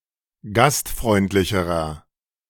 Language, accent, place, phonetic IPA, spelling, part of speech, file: German, Germany, Berlin, [ˈɡastˌfʁɔɪ̯ntlɪçəʁɐ], gastfreundlicherer, adjective, De-gastfreundlicherer.ogg
- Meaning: inflection of gastfreundlich: 1. strong/mixed nominative masculine singular comparative degree 2. strong genitive/dative feminine singular comparative degree